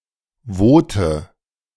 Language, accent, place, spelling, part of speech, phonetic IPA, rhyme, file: German, Germany, Berlin, Wote, noun, [ˈvoːtə], -oːtə, De-Wote.ogg
- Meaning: Vote (male or of unspecified gender) (a man, boy or person belonging to the Votic people)